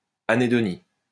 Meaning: anhedonia
- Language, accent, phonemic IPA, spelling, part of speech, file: French, France, /a.ne.dɔ.ni/, anhédonie, noun, LL-Q150 (fra)-anhédonie.wav